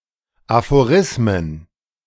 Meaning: plural of Aphorismus
- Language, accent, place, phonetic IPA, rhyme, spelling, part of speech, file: German, Germany, Berlin, [afoˈʁɪsmən], -ɪsmən, Aphorismen, noun, De-Aphorismen.ogg